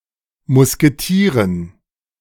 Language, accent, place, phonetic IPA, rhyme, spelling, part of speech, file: German, Germany, Berlin, [mʊskeˈtiːʁən], -iːʁən, Musketieren, noun, De-Musketieren.ogg
- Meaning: dative plural of Musketier